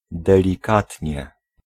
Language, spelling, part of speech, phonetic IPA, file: Polish, delikatnie, adverb, [ˌdɛlʲiˈkatʲɲɛ], Pl-delikatnie.ogg